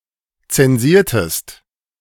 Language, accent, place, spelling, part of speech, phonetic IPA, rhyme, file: German, Germany, Berlin, zensiertest, verb, [ˌt͡sɛnˈziːɐ̯təst], -iːɐ̯təst, De-zensiertest.ogg
- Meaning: inflection of zensieren: 1. second-person singular preterite 2. second-person singular subjunctive II